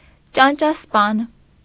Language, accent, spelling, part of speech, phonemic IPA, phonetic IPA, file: Armenian, Eastern Armenian, ճանճասպան, noun, /t͡ʃɑnt͡ʃɑsˈpɑn/, [t͡ʃɑnt͡ʃɑspɑ́n], Hy-ճանճասպան.ogg
- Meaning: flyswatter